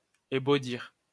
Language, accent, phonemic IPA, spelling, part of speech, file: French, France, /e.bo.diʁ/, ébaudir, verb, LL-Q150 (fra)-ébaudir.wav
- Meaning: to amuse, entertain, lighten up